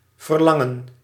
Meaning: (verb) 1. to long for, desire, yearn 2. to expect, to ask (of someone); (noun) longing, craving
- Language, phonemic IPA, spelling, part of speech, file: Dutch, /vərˈlɑ.ŋə(n)/, verlangen, verb / noun, Nl-verlangen.ogg